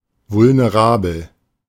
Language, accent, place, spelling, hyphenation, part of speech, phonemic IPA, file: German, Germany, Berlin, vulnerabel, vul‧ne‧ra‧bel, adjective, /vʊlneˈʁaːbl̩/, De-vulnerabel.ogg
- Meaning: vulnerable